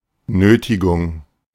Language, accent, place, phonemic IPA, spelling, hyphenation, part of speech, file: German, Germany, Berlin, /ˈnøːtɪɡʊŋ/, Nötigung, Nö‧ti‧gung, noun, De-Nötigung.ogg
- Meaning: coercion, duress